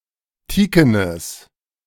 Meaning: strong/mixed nominative/accusative neuter singular of teaken
- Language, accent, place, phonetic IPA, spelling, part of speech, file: German, Germany, Berlin, [ˈtiːkənəs], teakenes, adjective, De-teakenes.ogg